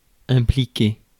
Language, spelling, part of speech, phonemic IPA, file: French, impliquer, verb, /ɛ̃.pli.ke/, Fr-impliquer.ogg
- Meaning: 1. to implicate, to accuse 2. to imply 3. to involve 4. to get involved in, to participate in